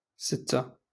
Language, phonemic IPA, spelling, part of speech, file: Moroccan Arabic, /sit.ta/, ستة, numeral, LL-Q56426 (ary)-ستة.wav
- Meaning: six